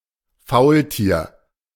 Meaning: sloth
- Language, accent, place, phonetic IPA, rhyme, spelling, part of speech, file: German, Germany, Berlin, [ˈfaʊ̯lˌtiːɐ̯], -aʊ̯ltiːɐ̯, Faultier, noun, De-Faultier.ogg